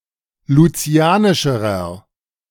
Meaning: inflection of lucianisch: 1. strong/mixed nominative masculine singular comparative degree 2. strong genitive/dative feminine singular comparative degree 3. strong genitive plural comparative degree
- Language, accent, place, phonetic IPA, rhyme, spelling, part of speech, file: German, Germany, Berlin, [luˈt͡si̯aːnɪʃəʁɐ], -aːnɪʃəʁɐ, lucianischerer, adjective, De-lucianischerer.ogg